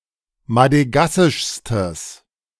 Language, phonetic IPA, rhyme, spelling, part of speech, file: German, [madəˈɡasɪʃstəs], -asɪʃstəs, madegassischstes, adjective, De-madegassischstes.ogg